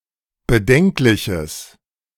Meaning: strong/mixed nominative/accusative neuter singular of bedenklich
- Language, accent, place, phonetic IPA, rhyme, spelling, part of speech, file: German, Germany, Berlin, [bəˈdɛŋklɪçəs], -ɛŋklɪçəs, bedenkliches, adjective, De-bedenkliches.ogg